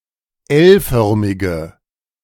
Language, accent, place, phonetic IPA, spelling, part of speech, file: German, Germany, Berlin, [ˈɛlˌfœʁmɪɡə], L-förmige, adjective, De-L-förmige.ogg
- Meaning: inflection of L-förmig: 1. strong/mixed nominative/accusative feminine singular 2. strong nominative/accusative plural 3. weak nominative all-gender singular